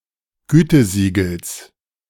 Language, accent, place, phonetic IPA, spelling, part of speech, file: German, Germany, Berlin, [ˈɡyːtəˌziːɡl̩s], Gütesiegels, noun, De-Gütesiegels.ogg
- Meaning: genitive singular of Gütesiegel